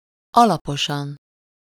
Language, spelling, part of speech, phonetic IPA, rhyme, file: Hungarian, alaposan, adverb, [ˈɒlɒpoʃɒn], -ɒn, Hu-alaposan.ogg
- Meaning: thoroughly